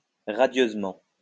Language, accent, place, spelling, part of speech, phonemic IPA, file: French, France, Lyon, radieusement, adverb, /ʁa.djøz.mɑ̃/, LL-Q150 (fra)-radieusement.wav
- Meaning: radiantly